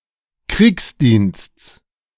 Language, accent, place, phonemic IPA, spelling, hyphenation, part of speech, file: German, Germany, Berlin, /ˈkʁiːksˌdiːnsts/, Kriegsdiensts, Kriegs‧diensts, noun, De-Kriegsdiensts.ogg
- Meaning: genitive singular of Kriegsdienst